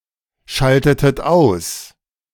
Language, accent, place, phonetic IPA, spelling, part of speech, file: German, Germany, Berlin, [ˌʃaltətət ˈaʊ̯s], schaltetet aus, verb, De-schaltetet aus.ogg
- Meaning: inflection of ausschalten: 1. second-person plural preterite 2. second-person plural subjunctive II